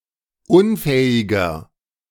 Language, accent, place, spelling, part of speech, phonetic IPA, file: German, Germany, Berlin, unfähiger, adjective, [ˈʊnˌfɛːɪɡɐ], De-unfähiger.ogg
- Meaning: 1. comparative degree of unfähig 2. inflection of unfähig: strong/mixed nominative masculine singular 3. inflection of unfähig: strong genitive/dative feminine singular